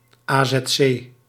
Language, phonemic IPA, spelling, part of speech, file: Dutch, /aː.zɛtˈseː/, azc, noun, Nl-azc.ogg
- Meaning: acronym of asielzoekerscentrum